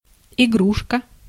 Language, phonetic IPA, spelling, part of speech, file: Russian, [ɪˈɡruʂkə], игрушка, noun, Ru-игрушка.ogg
- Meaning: 1. toy 2. plaything 3. video game